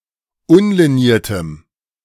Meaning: strong dative masculine/neuter singular of unliniert
- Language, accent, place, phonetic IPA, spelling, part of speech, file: German, Germany, Berlin, [ˈʊnliˌniːɐ̯təm], unliniertem, adjective, De-unliniertem.ogg